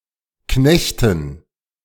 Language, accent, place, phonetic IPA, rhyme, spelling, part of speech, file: German, Germany, Berlin, [ˈknɛçtn̩], -ɛçtn̩, Knechten, noun, De-Knechten.ogg
- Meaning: dative plural of Knecht